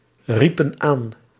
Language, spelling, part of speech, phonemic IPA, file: Dutch, riepen aan, verb, /ˈripə(n) ˈan/, Nl-riepen aan.ogg
- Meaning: inflection of aanroepen: 1. plural past indicative 2. plural past subjunctive